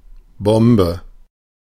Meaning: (noun) 1. bomb (explosive device) 2. bombe, a bomb-shaped (cylindrical, spherical or semispherical) dessert 3. a bombe of molded ice cream; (adjective) nang, rad, dope, fly, boss
- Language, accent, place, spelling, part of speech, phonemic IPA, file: German, Germany, Berlin, Bombe, noun / adjective, /ˈbɔmbə/, De-Bombe.ogg